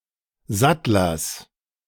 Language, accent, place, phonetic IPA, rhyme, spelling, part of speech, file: German, Germany, Berlin, [ˈzatlɐs], -atlɐs, Sattlers, noun, De-Sattlers.ogg
- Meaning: genitive singular of Sattler